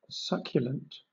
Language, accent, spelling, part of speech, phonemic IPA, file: English, Southern England, succulent, adjective / noun, /ˈsʌkjələnt/, LL-Q1860 (eng)-succulent.wav
- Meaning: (adjective) 1. Juicy or lush 2. Luscious or delectable 3. Having fleshy leaves or other tissues that store water; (noun) A succulent plant